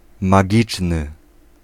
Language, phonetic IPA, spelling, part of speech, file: Polish, [maˈɟit͡ʃnɨ], magiczny, adjective, Pl-magiczny.ogg